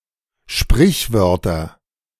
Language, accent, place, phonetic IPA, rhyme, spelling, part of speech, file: German, Germany, Berlin, [ˈʃpʁɪçˌvœʁtɐ], -ɪçvœʁtɐ, Sprichwörter, noun, De-Sprichwörter.ogg
- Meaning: nominative/accusative/genitive plural of Sprichwort